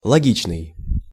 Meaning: logical
- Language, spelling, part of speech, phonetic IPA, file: Russian, логичный, adjective, [ɫɐˈɡʲit͡ɕnɨj], Ru-логичный.ogg